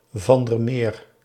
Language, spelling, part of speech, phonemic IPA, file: Dutch, van der Meer, proper noun, /vɑn dər ˈmeːr/, Nl-van der Meer.ogg
- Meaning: a surname